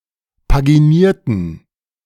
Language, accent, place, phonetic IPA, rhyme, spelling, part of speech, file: German, Germany, Berlin, [paɡiˈniːɐ̯tn̩], -iːɐ̯tn̩, paginierten, adjective / verb, De-paginierten.ogg
- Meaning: inflection of paginieren: 1. first/third-person plural preterite 2. first/third-person plural subjunctive II